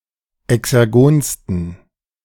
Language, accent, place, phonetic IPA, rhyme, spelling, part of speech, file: German, Germany, Berlin, [ɛksɛʁˈɡoːnstn̩], -oːnstn̩, exergonsten, adjective, De-exergonsten.ogg
- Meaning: 1. superlative degree of exergon 2. inflection of exergon: strong genitive masculine/neuter singular superlative degree